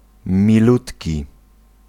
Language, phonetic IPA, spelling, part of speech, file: Polish, [mʲiˈlutʲci], milutki, adjective, Pl-milutki.ogg